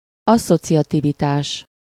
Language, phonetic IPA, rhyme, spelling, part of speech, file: Hungarian, [ˈɒsːot͡sijɒtivitaːʃ], -aːʃ, asszociativitás, noun, Hu-asszociativitás.ogg
- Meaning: associativity